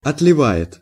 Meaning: third-person singular present indicative imperfective of отлива́ть (otlivátʹ)
- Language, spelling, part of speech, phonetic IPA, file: Russian, отливает, verb, [ɐtlʲɪˈva(j)ɪt], Ru-отливает.ogg